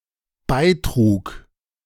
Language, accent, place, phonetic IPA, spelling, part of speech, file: German, Germany, Berlin, [ˈbaɪ̯ˌtʁuːk], beitrug, verb, De-beitrug.ogg
- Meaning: first/third-person singular dependent preterite of beitragen